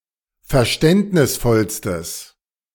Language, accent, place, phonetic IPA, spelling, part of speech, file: German, Germany, Berlin, [fɛɐ̯ˈʃtɛntnɪsˌfɔlstəs], verständnisvollstes, adjective, De-verständnisvollstes.ogg
- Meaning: strong/mixed nominative/accusative neuter singular superlative degree of verständnisvoll